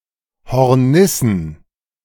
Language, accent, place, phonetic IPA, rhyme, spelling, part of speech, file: German, Germany, Berlin, [hɔʁˈnɪsn̩], -ɪsn̩, Hornissen, noun, De-Hornissen.ogg
- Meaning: plural of Hornisse